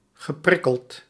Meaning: past participle of prikkelen
- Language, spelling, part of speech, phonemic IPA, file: Dutch, geprikkeld, verb / adjective, /ɣəˈprɪkəlt/, Nl-geprikkeld.ogg